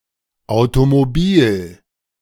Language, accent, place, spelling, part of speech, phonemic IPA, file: German, Germany, Berlin, Automobil, noun, /aʊ̯tomoˈbiːl/, De-Automobil2.ogg
- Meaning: car (automobile, a vehicle steered by a driver)